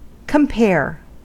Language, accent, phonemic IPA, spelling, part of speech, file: English, US, /kəmˈpɛɚ/, compare, verb / noun, En-us-compare.ogg
- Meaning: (verb) To assess the similarities and differences between two or more things [“to compare X with Y”]. Having made the comparison of X with Y, one might have found it similar to Y or different from Y